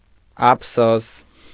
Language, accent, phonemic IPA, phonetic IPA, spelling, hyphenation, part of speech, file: Armenian, Eastern Armenian, /ɑpʰˈsos/, [ɑpʰsós], ափսոս, ափ‧սոս, interjection / noun / adjective, Hy-ափսոս.ogg
- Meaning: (interjection) alas!, what a pity!; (noun) regret; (adjective) pitiable